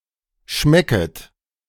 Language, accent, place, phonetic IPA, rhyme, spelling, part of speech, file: German, Germany, Berlin, [ˈʃmɛkət], -ɛkət, schmecket, verb, De-schmecket.ogg
- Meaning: second-person plural subjunctive I of schmecken